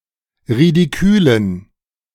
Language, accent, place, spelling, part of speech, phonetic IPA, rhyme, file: German, Germany, Berlin, ridikülen, adjective, [ʁidiˈkyːlən], -yːlən, De-ridikülen.ogg
- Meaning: inflection of ridikül: 1. strong genitive masculine/neuter singular 2. weak/mixed genitive/dative all-gender singular 3. strong/weak/mixed accusative masculine singular 4. strong dative plural